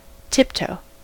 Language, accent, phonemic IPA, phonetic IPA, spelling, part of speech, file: English, US, /ˈtɪpˌtoʊ/, [ˈtʰɪpˌtʰoʊ̯], tiptoe, noun / adjective / verb, En-us-tiptoe.ogg
- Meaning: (noun) The tip of the toe; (adjective) 1. Standing elevated, on or as if on the tips of one's toes 2. Moving carefully, quietly, warily or stealthily, on or as if on the tips of one's toes